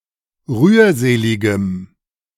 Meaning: strong dative masculine/neuter singular of rührselig
- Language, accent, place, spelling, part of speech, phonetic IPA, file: German, Germany, Berlin, rührseligem, adjective, [ˈʁyːɐ̯ˌzeːlɪɡəm], De-rührseligem.ogg